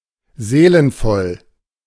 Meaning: soulful
- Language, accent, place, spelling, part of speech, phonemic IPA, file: German, Germany, Berlin, seelenvoll, adjective, /ˈzeːlənfɔl/, De-seelenvoll.ogg